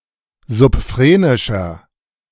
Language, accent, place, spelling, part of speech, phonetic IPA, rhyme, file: German, Germany, Berlin, subphrenischer, adjective, [zʊpˈfʁeːnɪʃɐ], -eːnɪʃɐ, De-subphrenischer.ogg
- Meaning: inflection of subphrenisch: 1. strong/mixed nominative masculine singular 2. strong genitive/dative feminine singular 3. strong genitive plural